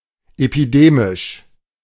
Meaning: epidemic
- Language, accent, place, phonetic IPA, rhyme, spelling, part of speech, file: German, Germany, Berlin, [epiˈdeːmɪʃ], -eːmɪʃ, epidemisch, adjective, De-epidemisch.ogg